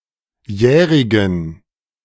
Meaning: inflection of jährig: 1. strong genitive masculine/neuter singular 2. weak/mixed genitive/dative all-gender singular 3. strong/weak/mixed accusative masculine singular 4. strong dative plural
- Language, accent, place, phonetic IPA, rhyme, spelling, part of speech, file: German, Germany, Berlin, [ˈjɛːʁɪɡn̩], -ɛːʁɪɡn̩, jährigen, adjective, De-jährigen.ogg